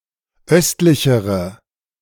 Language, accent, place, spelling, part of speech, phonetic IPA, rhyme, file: German, Germany, Berlin, östlichere, adjective, [ˈœstlɪçəʁə], -œstlɪçəʁə, De-östlichere.ogg
- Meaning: inflection of östlich: 1. strong/mixed nominative/accusative feminine singular comparative degree 2. strong nominative/accusative plural comparative degree